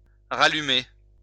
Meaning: 1. to relight 2. to rekindle, revive
- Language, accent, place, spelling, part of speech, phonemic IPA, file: French, France, Lyon, rallumer, verb, /ʁa.ly.me/, LL-Q150 (fra)-rallumer.wav